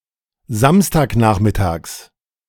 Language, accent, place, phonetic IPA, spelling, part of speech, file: German, Germany, Berlin, [ˈzamstaːkˌnaːxmɪtaːks], Samstagnachmittags, noun, De-Samstagnachmittags.ogg
- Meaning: genitive of Samstagnachmittag